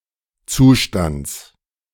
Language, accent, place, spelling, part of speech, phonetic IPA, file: German, Germany, Berlin, Zustands, noun, [ˈt͡suːˌʃtant͡s], De-Zustands.ogg
- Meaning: genitive singular of Zustand